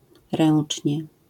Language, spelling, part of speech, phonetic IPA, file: Polish, ręcznie, adverb, [ˈrɛ̃n͇t͡ʃʲɲɛ], LL-Q809 (pol)-ręcznie.wav